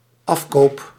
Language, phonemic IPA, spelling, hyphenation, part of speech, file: Dutch, /ˈɑf.koːp/, afkoop, af‧koop, noun / verb, Nl-afkoop.ogg
- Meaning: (noun) redemption, commutation, surrender; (verb) first-person singular dependent-clause present indicative of afkopen